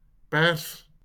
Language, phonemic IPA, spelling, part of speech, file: Afrikaans, /pɛrs/, pers, verb / noun, LL-Q14196 (afr)-pers.wav
- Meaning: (verb) To press; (noun) 1. A press (device used to apply pressure) 2. A press (printing machine) 3. the press, media